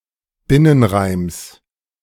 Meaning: genitive singular of Binnenreim
- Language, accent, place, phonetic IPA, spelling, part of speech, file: German, Germany, Berlin, [ˈbɪnənˌʁaɪ̯ms], Binnenreims, noun, De-Binnenreims.ogg